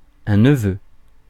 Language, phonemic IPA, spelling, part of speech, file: French, /nə.vø/, neveux, noun, Fr-neveux.ogg
- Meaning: plural of neveu